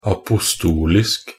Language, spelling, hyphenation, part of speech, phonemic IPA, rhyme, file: Norwegian Bokmål, apostolisk, a‧po‧stol‧isk, adjective, /apʊsˈtuːlɪsk/, -ɪsk, Nb-apostolisk.ogg
- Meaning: apostolic (pertaining to apostles or their practice of teaching; pertaining to the apostles of early Christianity or their teachings)